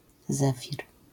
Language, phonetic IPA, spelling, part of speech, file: Polish, [ˈzɛfʲir], zefir, noun, LL-Q809 (pol)-zefir.wav